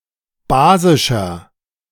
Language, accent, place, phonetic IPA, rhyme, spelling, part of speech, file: German, Germany, Berlin, [ˈbaːzɪʃɐ], -aːzɪʃɐ, basischer, adjective, De-basischer.ogg
- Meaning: 1. comparative degree of basisch 2. inflection of basisch: strong/mixed nominative masculine singular 3. inflection of basisch: strong genitive/dative feminine singular